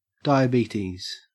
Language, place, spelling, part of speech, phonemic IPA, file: English, Queensland, diabetes, noun, /ˌdɑɪəˈbiːtiːz/, En-au-diabetes.ogg